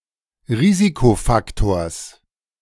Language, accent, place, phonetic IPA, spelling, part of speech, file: German, Germany, Berlin, [ˈʁiːzikoˌfaktoːɐ̯s], Risikofaktors, noun, De-Risikofaktors.ogg
- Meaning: genitive singular of Risikofaktor